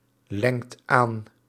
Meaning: inflection of aanlengen: 1. second/third-person singular present indicative 2. plural imperative
- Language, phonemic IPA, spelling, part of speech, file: Dutch, /ˈlɛŋt ˈan/, lengt aan, verb, Nl-lengt aan.ogg